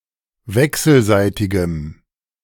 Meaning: strong dative masculine/neuter singular of wechselseitig
- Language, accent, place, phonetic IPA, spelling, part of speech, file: German, Germany, Berlin, [ˈvɛksl̩ˌzaɪ̯tɪɡəm], wechselseitigem, adjective, De-wechselseitigem.ogg